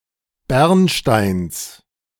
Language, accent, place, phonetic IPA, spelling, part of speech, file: German, Germany, Berlin, [ˈbɛʁnˌʃtaɪ̯ns], Bernsteins, noun, De-Bernsteins.ogg
- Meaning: genitive singular of Bernstein